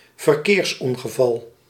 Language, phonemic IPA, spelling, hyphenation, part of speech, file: Dutch, /vərˈkeːrsˌɔŋ.ɣə.vɑl/, verkeersongeval, ver‧keers‧on‧ge‧val, noun, Nl-verkeersongeval.ogg
- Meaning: road accident, traffic accident